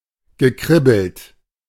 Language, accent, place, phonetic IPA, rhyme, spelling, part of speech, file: German, Germany, Berlin, [ɡəˈkʁɪbl̩t], -ɪbl̩t, gekribbelt, verb, De-gekribbelt.ogg
- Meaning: past participle of kribbeln